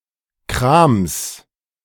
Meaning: 1. genitive singular of Kram 2. alternative form of Krimskrams
- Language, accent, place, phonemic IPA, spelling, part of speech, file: German, Germany, Berlin, /kʁaːms/, Krams, noun, De-Krams.ogg